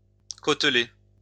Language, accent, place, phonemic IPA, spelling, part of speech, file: French, France, Lyon, /kot.le/, côteler, verb, LL-Q150 (fra)-côteler.wav
- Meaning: to wale